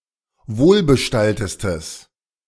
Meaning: strong/mixed nominative/accusative neuter singular superlative degree of wohlbestallt
- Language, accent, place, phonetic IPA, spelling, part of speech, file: German, Germany, Berlin, [ˈvoːlbəˌʃtaltəstəs], wohlbestalltestes, adjective, De-wohlbestalltestes.ogg